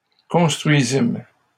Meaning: first-person plural past historic of construire
- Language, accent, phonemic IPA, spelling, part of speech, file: French, Canada, /kɔ̃s.tʁɥi.zim/, construisîmes, verb, LL-Q150 (fra)-construisîmes.wav